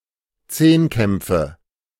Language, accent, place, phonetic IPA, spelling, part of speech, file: German, Germany, Berlin, [ˈt͡seːnˌkɛmp͡fə], Zehnkämpfe, noun, De-Zehnkämpfe.ogg
- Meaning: nominative/accusative/genitive plural of Zehnkampf